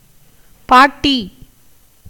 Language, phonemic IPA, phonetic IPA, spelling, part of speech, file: Tamil, /pɑːʈːiː/, [päːʈːiː], பாட்டி, noun, Ta-பாட்டி.ogg
- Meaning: 1. grandmother (a mother of someone's parent) 2. any elderly woman 3. a woman from the 'strolling singers' community